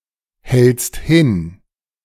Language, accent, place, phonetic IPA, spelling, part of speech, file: German, Germany, Berlin, [ˌhɛlt͡st ˈhɪn], hältst hin, verb, De-hältst hin.ogg
- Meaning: second-person singular present of hinhalten